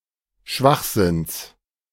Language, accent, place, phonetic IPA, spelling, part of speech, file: German, Germany, Berlin, [ˈʃvaxˌzɪns], Schwachsinns, noun, De-Schwachsinns.ogg
- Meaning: genitive singular of Schwachsinn